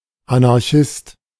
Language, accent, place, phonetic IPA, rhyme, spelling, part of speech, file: German, Germany, Berlin, [anaʁˈçɪst], -ɪst, Anarchist, noun, De-Anarchist.ogg
- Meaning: anarchist